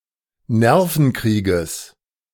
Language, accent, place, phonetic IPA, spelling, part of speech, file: German, Germany, Berlin, [ˈnɛʁfn̩ˌkʁiːɡəs], Nervenkrieges, noun, De-Nervenkrieges.ogg
- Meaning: genitive singular of Nervenkrieg